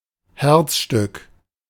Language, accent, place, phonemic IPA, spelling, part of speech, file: German, Germany, Berlin, /ˈhɛʁtsˌʃtʏk/, Herzstück, noun, De-Herzstück.ogg
- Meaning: 1. centerpiece 2. ellipsis of Kreuzungsherzstück (“frog”)